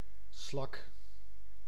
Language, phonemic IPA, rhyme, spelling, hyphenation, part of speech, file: Dutch, /slɑk/, -ɑk, slak, slak, noun, Nl-slak.ogg
- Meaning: 1. snail, slug (any gastropod) 2. slag (the impurities which result and are separated out when melting a metal or refining it from its ore)